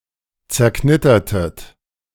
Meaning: inflection of zerknittern: 1. second-person plural preterite 2. second-person plural subjunctive II
- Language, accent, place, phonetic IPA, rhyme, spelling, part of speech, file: German, Germany, Berlin, [t͡sɛɐ̯ˈknɪtɐtət], -ɪtɐtət, zerknittertet, verb, De-zerknittertet.ogg